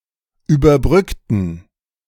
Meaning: inflection of überbrücken: 1. first/third-person plural preterite 2. first/third-person plural subjunctive II
- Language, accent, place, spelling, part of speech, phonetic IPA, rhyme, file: German, Germany, Berlin, überbrückten, adjective / verb, [yːbɐˈbʁʏktn̩], -ʏktn̩, De-überbrückten.ogg